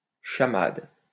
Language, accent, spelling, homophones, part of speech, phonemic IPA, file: French, France, chamade, chamades, noun, /ʃa.mad/, LL-Q150 (fra)-chamade.wav
- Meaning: chamade